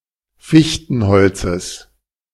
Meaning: genitive singular of Fichtenholz
- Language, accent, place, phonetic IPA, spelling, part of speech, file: German, Germany, Berlin, [ˈfɪçtn̩ˌhɔlt͡səs], Fichtenholzes, noun, De-Fichtenholzes.ogg